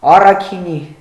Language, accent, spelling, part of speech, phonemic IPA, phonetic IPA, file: Armenian, Eastern Armenian, առաքինի, adjective, /ɑrɑkʰiˈni/, [ɑrɑkʰiní], Hy-առաքինի.ogg
- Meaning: 1. virtuous, honest, modest 2. flawless, pure, immaculate